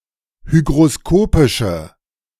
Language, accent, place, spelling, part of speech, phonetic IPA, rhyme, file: German, Germany, Berlin, hygroskopische, adjective, [ˌhyɡʁoˈskoːpɪʃə], -oːpɪʃə, De-hygroskopische.ogg
- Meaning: inflection of hygroskopisch: 1. strong/mixed nominative/accusative feminine singular 2. strong nominative/accusative plural 3. weak nominative all-gender singular